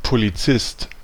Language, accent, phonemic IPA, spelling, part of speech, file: German, Germany, /poliˈt͡sɪst/, Polizist, noun, De-Polizist.ogg
- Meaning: police officer (male or female); policeman